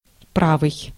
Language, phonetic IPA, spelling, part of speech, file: Russian, [ˈpravɨj], правый, adjective / noun, Ru-правый.ogg
- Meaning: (adjective) 1. right, right-hand 2. starboard 3. right-wing 4. right, correct 5. righteous; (noun) rightist